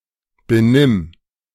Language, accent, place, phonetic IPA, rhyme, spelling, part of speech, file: German, Germany, Berlin, [beˈnɪm], -ɪm, benimm, verb, De-benimm.ogg
- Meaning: singular imperative of benehmen